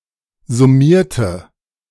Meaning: inflection of summieren: 1. first/third-person singular preterite 2. first/third-person singular subjunctive II
- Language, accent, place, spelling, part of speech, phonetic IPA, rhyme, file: German, Germany, Berlin, summierte, adjective / verb, [zʊˈmiːɐ̯tə], -iːɐ̯tə, De-summierte.ogg